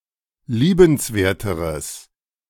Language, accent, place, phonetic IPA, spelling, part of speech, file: German, Germany, Berlin, [ˈliːbənsˌveːɐ̯təʁəs], liebenswerteres, adjective, De-liebenswerteres.ogg
- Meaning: strong/mixed nominative/accusative neuter singular comparative degree of liebenswert